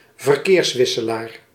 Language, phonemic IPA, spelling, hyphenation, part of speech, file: Dutch, /vərˈkeːrsˌʋɪ.sə.laːr/, verkeerswisselaar, ver‧keers‧wis‧se‧laar, noun, Nl-verkeerswisselaar.ogg
- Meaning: interchange (grade-separated infrastructure junction)